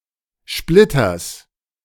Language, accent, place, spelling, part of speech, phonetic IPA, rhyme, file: German, Germany, Berlin, Splitters, noun, [ˈʃplɪtɐs], -ɪtɐs, De-Splitters.ogg
- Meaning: genitive singular of Splitter